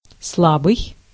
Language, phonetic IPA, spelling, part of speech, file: Russian, [ˈsɫabɨj], слабый, adjective, Ru-слабый.ogg
- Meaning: 1. weak, feeble 2. faint 3. infirm 4. delicate 5. flabby 6. poor